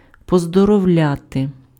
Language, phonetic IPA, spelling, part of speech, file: Ukrainian, [pɔzdɔrɔu̯ˈlʲate], поздоровляти, verb, Uk-поздоровляти.ogg
- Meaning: to congratulate, to felicitate (on something: з (z) + instrumental)